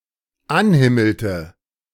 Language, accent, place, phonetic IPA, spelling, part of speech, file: German, Germany, Berlin, [ˈanˌhɪml̩tə], anhimmelte, verb, De-anhimmelte.ogg
- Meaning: inflection of anhimmeln: 1. first/third-person singular dependent preterite 2. first/third-person singular dependent subjunctive II